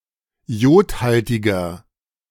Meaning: 1. comparative degree of iodhaltig 2. inflection of iodhaltig: strong/mixed nominative masculine singular 3. inflection of iodhaltig: strong genitive/dative feminine singular
- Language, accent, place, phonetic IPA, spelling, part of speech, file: German, Germany, Berlin, [ˈi̯oːtˌhaltɪɡɐ], iodhaltiger, adjective, De-iodhaltiger.ogg